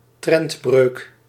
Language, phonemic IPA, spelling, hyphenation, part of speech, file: Dutch, /ˈtrɛnt.brøːk/, trendbreuk, trend‧breuk, noun, Nl-trendbreuk.ogg
- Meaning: trend reversal